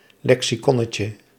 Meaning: diminutive of lexicon
- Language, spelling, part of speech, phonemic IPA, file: Dutch, lexiconnetje, noun, /ˈlɛksiˌkɔnəcə/, Nl-lexiconnetje.ogg